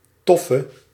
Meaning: inflection of tof: 1. masculine/feminine singular attributive 2. definite neuter singular attributive 3. plural attributive
- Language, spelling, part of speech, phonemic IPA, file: Dutch, toffe, adjective, /ˈtɔfə/, Nl-toffe.ogg